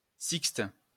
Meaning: 1. Interval of six notes 2. sixte 3. Sixth part of a tithe which belongs to a lord
- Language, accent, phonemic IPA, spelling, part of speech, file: French, France, /sikst/, sixte, noun, LL-Q150 (fra)-sixte.wav